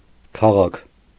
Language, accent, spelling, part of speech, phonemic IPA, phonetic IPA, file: Armenian, Eastern Armenian, քաղաք, noun, /kʰɑˈʁɑkʰ/, [kʰɑʁɑ́kʰ], Hy-քաղաք.ogg
- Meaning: city, town